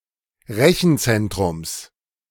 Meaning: genitive singular of Rechenzentrum
- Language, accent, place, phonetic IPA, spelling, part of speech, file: German, Germany, Berlin, [ˈʁɛçn̩ˌt͡sɛntʁʊms], Rechenzentrums, noun, De-Rechenzentrums.ogg